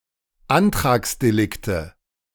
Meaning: nominative/accusative/genitive plural of Antragsdelikt
- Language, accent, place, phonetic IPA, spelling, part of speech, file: German, Germany, Berlin, [ˈantʁaːksdeˌlɪktə], Antragsdelikte, noun, De-Antragsdelikte.ogg